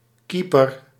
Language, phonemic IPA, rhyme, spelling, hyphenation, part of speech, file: Dutch, /kipər/, -ipər, keeper, kee‧per, noun, Nl-keeper.ogg
- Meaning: keeper, goalie